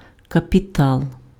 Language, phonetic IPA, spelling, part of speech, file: Ukrainian, [kɐpʲiˈtaɫ], капітал, noun, Uk-капітал.ogg
- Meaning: 1. capital 2. fund